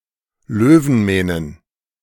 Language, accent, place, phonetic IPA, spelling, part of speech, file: German, Germany, Berlin, [ˈløːvn̩ˌmɛːnən], Löwenmähnen, noun, De-Löwenmähnen.ogg
- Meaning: plural of Löwenmähne